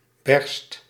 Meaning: inflection of bersten: 1. first/second/third-person singular present indicative 2. imperative
- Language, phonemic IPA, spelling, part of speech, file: Dutch, /bɛrst/, berst, noun / verb, Nl-berst.ogg